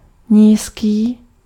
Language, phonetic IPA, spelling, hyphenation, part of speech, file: Czech, [ˈɲiːskiː], nízký, níz‧ký, adjective, Cs-nízký.ogg
- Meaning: 1. low 2. reduced, decreased